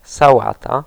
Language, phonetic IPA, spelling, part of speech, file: Polish, [saˈwata], sałata, noun, Pl-sałata.ogg